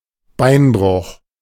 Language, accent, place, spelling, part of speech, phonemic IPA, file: German, Germany, Berlin, Beinbruch, noun, /ˈbaɪ̯nbʁʊx/, De-Beinbruch.ogg
- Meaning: fracture of the leg